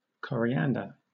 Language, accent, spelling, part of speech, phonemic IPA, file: English, Southern England, coriander, noun, /ˌkɒ.ɹiˈæn.də/, LL-Q1860 (eng)-coriander.wav
- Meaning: 1. The annual herb Coriandrum sativum, used in many cuisines 2. The dried fruits thereof, used as a spice